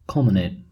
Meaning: 1. Of a heavenly body, to be at the highest point, reach its greatest altitude 2. To reach the (physical or figurative) summit, highest point, peak etc
- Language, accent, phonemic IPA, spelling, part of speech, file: English, US, /ˈkʌl.məˌneɪt/, culminate, verb, En-us-culminate.ogg